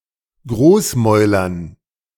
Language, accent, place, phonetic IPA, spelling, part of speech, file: German, Germany, Berlin, [ˈɡʁoːsˌmɔɪ̯lɐn], Großmäulern, noun, De-Großmäulern.ogg
- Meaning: dative plural of Großmaul